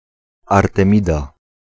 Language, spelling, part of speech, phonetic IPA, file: Polish, Artemida, proper noun, [ˌartɛ̃ˈmʲida], Pl-Artemida.ogg